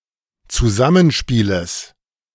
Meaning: genitive singular of Zusammenspiel
- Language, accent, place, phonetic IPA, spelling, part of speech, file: German, Germany, Berlin, [t͡suˈzamənˌʃpiːləs], Zusammenspieles, noun, De-Zusammenspieles.ogg